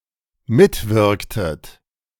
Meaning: inflection of mitwirken: 1. second-person plural dependent preterite 2. second-person plural dependent subjunctive II
- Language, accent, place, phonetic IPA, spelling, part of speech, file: German, Germany, Berlin, [ˈmɪtˌvɪʁktət], mitwirktet, verb, De-mitwirktet.ogg